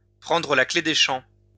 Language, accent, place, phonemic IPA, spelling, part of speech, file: French, France, Lyon, /pʁɑ̃.dʁə la kle de ʃɑ̃/, prendre la clef des champs, verb, LL-Q150 (fra)-prendre la clef des champs.wav
- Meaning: to take to one's heels, to head for the hills, to run away, to make off